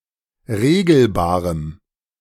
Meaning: strong dative masculine/neuter singular of regelbar
- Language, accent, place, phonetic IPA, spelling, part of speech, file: German, Germany, Berlin, [ˈʁeːɡl̩baːʁəm], regelbarem, adjective, De-regelbarem.ogg